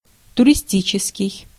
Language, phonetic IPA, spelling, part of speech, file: Russian, [tʊrʲɪˈsʲtʲit͡ɕɪskʲɪj], туристический, adjective, Ru-туристический.ogg
- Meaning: tourist, touristic